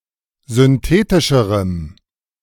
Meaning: strong dative masculine/neuter singular comparative degree of synthetisch
- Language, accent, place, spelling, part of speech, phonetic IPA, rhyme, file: German, Germany, Berlin, synthetischerem, adjective, [zʏnˈteːtɪʃəʁəm], -eːtɪʃəʁəm, De-synthetischerem.ogg